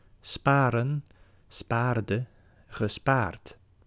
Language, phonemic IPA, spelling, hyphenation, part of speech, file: Dutch, /ˈspaːrə(n)/, sparen, spa‧ren, verb, Nl-sparen.ogg
- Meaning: 1. to spare, leave untouched 2. to save up